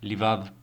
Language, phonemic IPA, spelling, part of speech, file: Albanian, /liˈvað/, livadh, noun, Sq-xk-livadh.ogg
- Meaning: 1. meadow 2. pasture 3. bed of roses, easy life